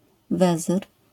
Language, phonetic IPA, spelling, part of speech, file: Polish, [ˈvɛzɨr], wezyr, noun, LL-Q809 (pol)-wezyr.wav